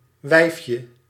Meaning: 1. diminutive of wijf 2. non-human female
- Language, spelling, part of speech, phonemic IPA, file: Dutch, wijfje, noun, /ˈʋɛi̯f.jə/, Nl-wijfje.ogg